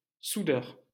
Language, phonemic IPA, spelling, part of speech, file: French, /su.dœʁ/, soudeur, noun, LL-Q150 (fra)-soudeur.wav
- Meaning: welder